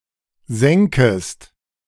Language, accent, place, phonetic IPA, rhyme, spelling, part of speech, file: German, Germany, Berlin, [ˈzɛŋkəst], -ɛŋkəst, sänkest, verb, De-sänkest.ogg
- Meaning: second-person singular subjunctive II of sinken